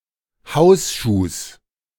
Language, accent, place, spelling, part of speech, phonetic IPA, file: German, Germany, Berlin, Hausschuhs, noun, [ˈhaʊ̯sˌʃuːs], De-Hausschuhs.ogg
- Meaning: genitive of Hausschuh